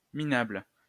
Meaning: 1. lousy, stinky, rubbish 2. miserable, pathetic
- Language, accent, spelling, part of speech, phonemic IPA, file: French, France, minable, adjective, /mi.nabl/, LL-Q150 (fra)-minable.wav